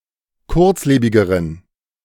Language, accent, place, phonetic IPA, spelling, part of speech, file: German, Germany, Berlin, [ˈkʊʁt͡sˌleːbɪɡəʁən], kurzlebigeren, adjective, De-kurzlebigeren.ogg
- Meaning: inflection of kurzlebig: 1. strong genitive masculine/neuter singular comparative degree 2. weak/mixed genitive/dative all-gender singular comparative degree